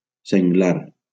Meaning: wild boar
- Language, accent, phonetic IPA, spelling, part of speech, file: Catalan, Valencia, [seŋˈɡlaɾ], senglar, noun, LL-Q7026 (cat)-senglar.wav